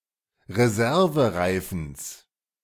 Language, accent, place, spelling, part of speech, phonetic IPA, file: German, Germany, Berlin, Reservereifens, noun, [ʁeˈzɛʁvəˌʁaɪ̯fn̩s], De-Reservereifens.ogg
- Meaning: genitive singular of Reservereifen